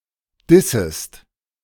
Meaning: second-person singular subjunctive I of dissen
- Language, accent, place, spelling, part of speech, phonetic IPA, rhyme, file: German, Germany, Berlin, dissest, verb, [ˈdɪsəst], -ɪsəst, De-dissest.ogg